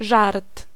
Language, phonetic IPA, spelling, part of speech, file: Polish, [ʒart], żart, noun, Pl-żart.ogg